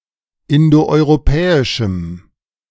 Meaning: strong dative masculine/neuter singular of indoeuropäisch
- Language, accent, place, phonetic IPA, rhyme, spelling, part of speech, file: German, Germany, Berlin, [ˌɪndoʔɔɪ̯ʁoˈpɛːɪʃm̩], -ɛːɪʃm̩, indoeuropäischem, adjective, De-indoeuropäischem.ogg